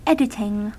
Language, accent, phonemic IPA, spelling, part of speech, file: English, US, /ˈɛdɪtɪŋ/, editing, verb / noun, En-us-editing.ogg
- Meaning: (verb) present participle and gerund of edit; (noun) An act or instance of something being edited